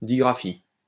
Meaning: digraphia
- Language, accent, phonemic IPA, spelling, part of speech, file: French, France, /di.ɡʁa.fi/, digraphie, noun, LL-Q150 (fra)-digraphie.wav